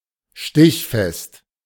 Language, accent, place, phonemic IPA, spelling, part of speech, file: German, Germany, Berlin, /ˈʃtɪçfɛst/, stichfest, adjective, De-stichfest.ogg
- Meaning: 1. stiff, tough 2. sting-resistant